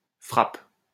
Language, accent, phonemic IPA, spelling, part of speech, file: French, France, /fʁap/, frappe, noun / verb, LL-Q150 (fra)-frappe.wav
- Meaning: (noun) 1. hit 2. strike, striking, kick 3. knave, thug, villain 4. A very attractive woman, a hottie 5. used to describe something very good